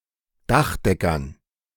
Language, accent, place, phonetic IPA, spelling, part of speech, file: German, Germany, Berlin, [ˈdaxˌdɛkɐn], Dachdeckern, noun, De-Dachdeckern.ogg
- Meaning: dative plural of Dachdecker